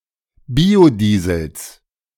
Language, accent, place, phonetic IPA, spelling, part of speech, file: German, Germany, Berlin, [ˈbiːoˌdiːzl̩s], Biodiesels, noun, De-Biodiesels.ogg
- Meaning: genitive singular of Biodiesel